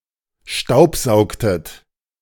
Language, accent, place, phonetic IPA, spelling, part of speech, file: German, Germany, Berlin, [ˈʃtaʊ̯pˌzaʊ̯ktət], staubsaugtet, verb, De-staubsaugtet.ogg
- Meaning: inflection of staubsaugen: 1. second-person plural preterite 2. second-person plural subjunctive II